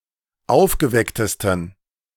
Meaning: 1. superlative degree of aufgeweckt 2. inflection of aufgeweckt: strong genitive masculine/neuter singular superlative degree
- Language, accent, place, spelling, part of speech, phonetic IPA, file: German, Germany, Berlin, aufgewecktesten, adjective, [ˈaʊ̯fɡəˌvɛktəstn̩], De-aufgewecktesten.ogg